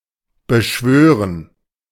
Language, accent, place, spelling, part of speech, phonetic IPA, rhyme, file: German, Germany, Berlin, beschwören, verb, [bəˈʃvøːʁən], -øːʁən, De-beschwören.ogg
- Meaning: 1. to conjure 2. to swear to (something) 3. to evoke, to summon